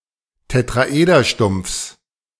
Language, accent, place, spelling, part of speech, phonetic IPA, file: German, Germany, Berlin, Tetraederstumpfs, noun, [tetʁaˈʔeːdɐˌʃtʊmp͡fs], De-Tetraederstumpfs.ogg
- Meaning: genitive singular of Tetraederstumpf